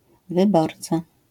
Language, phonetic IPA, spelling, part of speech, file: Polish, [vɨˈbɔrt͡sa], wyborca, noun, LL-Q809 (pol)-wyborca.wav